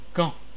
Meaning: Caen (a city and commune, the prefecture of the department of Calvados, France)
- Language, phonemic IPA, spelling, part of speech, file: French, /kɑ̃/, Caen, proper noun, Fr-Caen.ogg